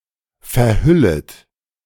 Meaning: second-person plural subjunctive I of verhüllen
- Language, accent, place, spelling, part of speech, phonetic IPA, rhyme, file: German, Germany, Berlin, verhüllet, verb, [fɛɐ̯ˈhʏlət], -ʏlət, De-verhüllet.ogg